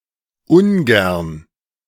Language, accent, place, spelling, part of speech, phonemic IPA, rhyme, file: German, Germany, Berlin, ungern, adverb, /ˈʊnˌɡɛʁn/, -ɛʁn, De-ungern.ogg
- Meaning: unwillingly; usually expressed in English through verb phrases such as "doesn't like", "don't want", etc